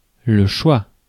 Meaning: 1. choice 2. pick, draft pick
- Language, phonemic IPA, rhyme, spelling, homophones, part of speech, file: French, /ʃwa/, -a, choix, choie / choient / choies / chois / choit, noun, Fr-choix.ogg